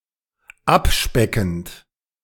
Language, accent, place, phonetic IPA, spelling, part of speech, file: German, Germany, Berlin, [ˈapˌʃpɛkn̩t], abspeckend, verb, De-abspeckend.ogg
- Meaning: present participle of abspecken